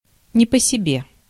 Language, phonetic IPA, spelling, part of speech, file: Russian, [nʲɪ‿pə‿sʲɪˈbʲe], не по себе, adverb, Ru-не по себе.ogg
- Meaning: 1. uneasily, uncomfortably 2. out of sorts, under the weather